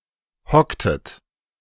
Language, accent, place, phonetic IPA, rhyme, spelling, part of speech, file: German, Germany, Berlin, [ˈhɔktət], -ɔktət, hocktet, verb, De-hocktet.ogg
- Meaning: inflection of hocken: 1. second-person plural preterite 2. second-person plural subjunctive II